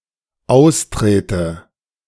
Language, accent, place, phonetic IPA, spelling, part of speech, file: German, Germany, Berlin, [ˈaʊ̯sˌtʁeːtə], austrete, verb, De-austrete.ogg
- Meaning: inflection of austreten: 1. first-person singular dependent present 2. first/third-person singular dependent subjunctive I